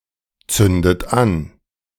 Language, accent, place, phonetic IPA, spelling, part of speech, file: German, Germany, Berlin, [ˌt͡sʏndət ˈan], zündet an, verb, De-zündet an.ogg
- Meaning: inflection of anzünden: 1. third-person singular present 2. second-person plural present 3. second-person plural subjunctive I 4. plural imperative